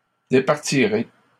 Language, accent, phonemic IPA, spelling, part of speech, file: French, Canada, /de.paʁ.ti.ʁe/, départirez, verb, LL-Q150 (fra)-départirez.wav
- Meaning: second-person plural simple future of départir